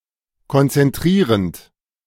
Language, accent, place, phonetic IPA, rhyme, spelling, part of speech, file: German, Germany, Berlin, [kɔnt͡sɛnˈtʁiːʁənt], -iːʁənt, konzentrierend, verb, De-konzentrierend.ogg
- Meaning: present participle of konzentrieren